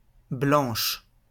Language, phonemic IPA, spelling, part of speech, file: French, /blɑ̃ʃ/, blanche, adjective / noun, LL-Q150 (fra)-blanche.wav
- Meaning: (adjective) feminine singular of blanc; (noun) minim, half note